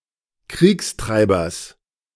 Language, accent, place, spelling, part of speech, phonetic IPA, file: German, Germany, Berlin, Kriegstreibers, noun, [ˈkʁiːksˌtʁaɪ̯bɐs], De-Kriegstreibers.ogg
- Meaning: genitive singular of Kriegstreiber